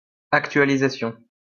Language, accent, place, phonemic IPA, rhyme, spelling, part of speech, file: French, France, Lyon, /ak.tɥa.li.za.sjɔ̃/, -jɔ̃, actualisation, noun, LL-Q150 (fra)-actualisation.wav
- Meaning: 1. update 2. updating (action or process of updating)